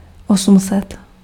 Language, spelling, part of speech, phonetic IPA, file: Czech, osm set, numeral, [ˈosm̩sɛt], Cs-osm set.ogg
- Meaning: eight hundred